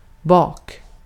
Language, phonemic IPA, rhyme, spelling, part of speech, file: Swedish, /bɑːk/, -ɑːk, bak, adverb / preposition / noun / verb, Sv-bak.ogg
- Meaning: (adverb) behind, at the back; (preposition) behind, 'hind; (noun) 1. behind, ass, butt 2. baking; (verb) alternative form of bakk